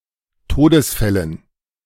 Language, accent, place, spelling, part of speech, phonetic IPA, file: German, Germany, Berlin, Todesfällen, noun, [ˈtoːdəsˌfɛlən], De-Todesfällen.ogg
- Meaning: dative plural of Todesfall